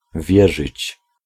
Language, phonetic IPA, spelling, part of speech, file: Polish, [ˈvʲjɛʒɨt͡ɕ], wierzyć, verb, Pl-wierzyć.ogg